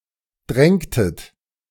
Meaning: inflection of drängen: 1. second-person plural preterite 2. second-person plural subjunctive II
- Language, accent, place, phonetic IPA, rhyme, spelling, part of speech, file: German, Germany, Berlin, [ˈdʁɛŋtət], -ɛŋtət, drängtet, verb, De-drängtet.ogg